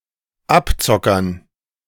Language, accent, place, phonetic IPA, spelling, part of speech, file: German, Germany, Berlin, [ˈapˌt͡sɔkɐn], Abzockern, noun, De-Abzockern.ogg
- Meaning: dative plural of Abzocker